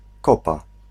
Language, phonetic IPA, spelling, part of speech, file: Polish, [ˈkɔpa], kopa, noun, Pl-kopa.ogg